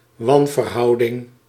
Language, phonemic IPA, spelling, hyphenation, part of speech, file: Dutch, /ˈwɑɱvərˌhɑudɪŋ/, wanverhouding, wan‧ver‧hou‧ding, noun, Nl-wanverhouding.ogg
- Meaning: disproportion